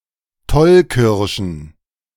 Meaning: plural of Tollkirsche
- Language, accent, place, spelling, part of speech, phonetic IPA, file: German, Germany, Berlin, Tollkirschen, noun, [ˈtɔlkɪʁʃən], De-Tollkirschen.ogg